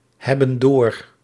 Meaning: inflection of doorhebben: 1. plural present indicative 2. plural present subjunctive
- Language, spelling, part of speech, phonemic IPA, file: Dutch, hebben door, verb, /ˈhɛbə(n) ˈdor/, Nl-hebben door.ogg